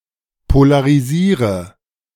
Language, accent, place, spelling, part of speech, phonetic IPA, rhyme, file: German, Germany, Berlin, polarisiere, verb, [polaʁiˈziːʁə], -iːʁə, De-polarisiere.ogg
- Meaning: inflection of polarisieren: 1. first-person singular present 2. singular imperative 3. first/third-person singular subjunctive I